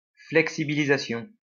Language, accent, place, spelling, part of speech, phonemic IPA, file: French, France, Lyon, flexibilisation, noun, /flɛk.si.bi.li.za.sjɔ̃/, LL-Q150 (fra)-flexibilisation.wav
- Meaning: flexibilization